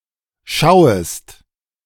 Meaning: second-person singular subjunctive I of schauen
- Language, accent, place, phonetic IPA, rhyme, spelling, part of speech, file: German, Germany, Berlin, [ˈʃaʊ̯əst], -aʊ̯əst, schauest, verb, De-schauest.ogg